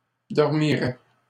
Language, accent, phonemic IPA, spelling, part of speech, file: French, Canada, /dɔʁ.mi.ʁɛ/, dormiraient, verb, LL-Q150 (fra)-dormiraient.wav
- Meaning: third-person plural conditional of dormir